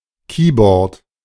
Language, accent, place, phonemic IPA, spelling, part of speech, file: German, Germany, Berlin, /ˈkiːbɔʁt/, Keyboard, noun, De-Keyboard.ogg
- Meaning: keyboard, synthesizer (electronic musical instrument with keys of a musical keyboard)